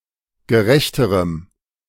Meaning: strong dative masculine/neuter singular comparative degree of gerecht
- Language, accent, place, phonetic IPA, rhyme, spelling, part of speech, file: German, Germany, Berlin, [ɡəˈʁɛçtəʁəm], -ɛçtəʁəm, gerechterem, adjective, De-gerechterem.ogg